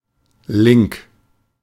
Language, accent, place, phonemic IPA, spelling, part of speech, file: German, Germany, Berlin, /lɪŋk/, link, adjective, De-link.ogg
- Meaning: 1. left 2. untrustworthy 3. dubious, wrong, disreputable, questionable 4. sly, cunning